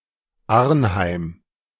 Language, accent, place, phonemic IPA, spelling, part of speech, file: German, Germany, Berlin, /ˈarnhaɪ̯m/, Arnheim, proper noun, De-Arnheim.ogg
- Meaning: 1. Arnhem (city in the Netherlands) 2. a surname